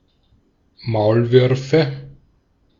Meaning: nominative/accusative/genitive plural of Maulwurf (“mole”)
- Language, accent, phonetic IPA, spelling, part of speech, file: German, Austria, [ˈmaʊ̯lˌvʏʁfə], Maulwürfe, noun, De-at-Maulwürfe.ogg